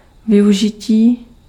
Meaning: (noun) 1. verbal noun of využít 2. utilization, use, employment 3. exploitation; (adjective) animate masculine nominative/vocative plural of využitý
- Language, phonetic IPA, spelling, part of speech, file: Czech, [ˈvɪjuʒɪciː], využití, noun / adjective, Cs-využití.ogg